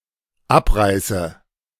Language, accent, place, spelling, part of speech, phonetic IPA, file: German, Germany, Berlin, abreiße, verb, [ˈapˌʁaɪ̯sə], De-abreiße.ogg
- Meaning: inflection of abreißen: 1. first-person singular dependent present 2. first/third-person singular dependent subjunctive I